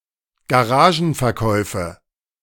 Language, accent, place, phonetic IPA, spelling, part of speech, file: German, Germany, Berlin, [ɡaˈʁaːʒn̩fɛɐ̯ˌkɔɪ̯fə], Garagenverkäufe, noun, De-Garagenverkäufe.ogg
- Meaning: nominative/accusative/genitive plural of Garagenverkauf